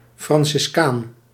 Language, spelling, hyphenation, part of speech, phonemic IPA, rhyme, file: Dutch, franciscaan, fran‧cis‧caan, noun, /ˌfrɑn.sɪsˈkaːn/, -aːn, Nl-franciscaan.ogg
- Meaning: a Franciscan, typically a male Franciscan monk